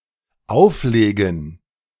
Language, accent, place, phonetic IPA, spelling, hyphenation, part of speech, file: German, Germany, Berlin, [ˈʔaufˌleːɡən], auflegen, auf‧le‧gen, verb, De-auflegen.ogg
- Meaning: 1. to lay on 2. to hang up 3. to publish 4. to issue (shares etc.) 5. to select and play records 6. to lay up (a boat, ship) 7. to quarrel; to start a fight